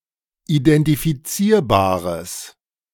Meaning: strong/mixed nominative/accusative neuter singular of identifizierbar
- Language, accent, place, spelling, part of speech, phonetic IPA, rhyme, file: German, Germany, Berlin, identifizierbares, adjective, [idɛntifiˈt͡siːɐ̯baːʁəs], -iːɐ̯baːʁəs, De-identifizierbares.ogg